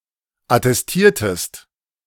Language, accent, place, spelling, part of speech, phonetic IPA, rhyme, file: German, Germany, Berlin, attestiertest, verb, [atɛsˈtiːɐ̯təst], -iːɐ̯təst, De-attestiertest.ogg
- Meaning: inflection of attestieren: 1. second-person singular preterite 2. second-person singular subjunctive II